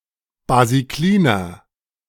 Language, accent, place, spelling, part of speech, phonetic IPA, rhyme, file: German, Germany, Berlin, basikliner, adjective, [baziˈkliːnɐ], -iːnɐ, De-basikliner.ogg
- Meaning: inflection of basiklin: 1. strong/mixed nominative masculine singular 2. strong genitive/dative feminine singular 3. strong genitive plural